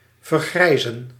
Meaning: 1. to grey (make or become grey) 2. to age
- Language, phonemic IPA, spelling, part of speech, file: Dutch, /vərˈɡrɛizə(n)/, vergrijzen, verb, Nl-vergrijzen.ogg